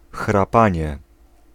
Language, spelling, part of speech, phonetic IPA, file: Polish, chrapanie, noun, [xraˈpãɲɛ], Pl-chrapanie.ogg